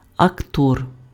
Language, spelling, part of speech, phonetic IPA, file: Ukrainian, актор, noun, [ɐkˈtɔr], Uk-актор.ogg
- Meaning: actor